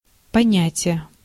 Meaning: 1. idea, concept, conception, notion 2. comprehension 3. code, informal rules of the criminal underworld
- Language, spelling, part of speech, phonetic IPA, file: Russian, понятие, noun, [pɐˈnʲætʲɪje], Ru-понятие.ogg